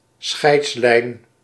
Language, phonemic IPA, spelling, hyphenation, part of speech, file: Dutch, /ˈsxɛi̯ts.lɛi̯n/, scheidslijn, scheids‧lijn, noun, Nl-scheidslijn.ogg
- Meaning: divide, dividing line, demarcation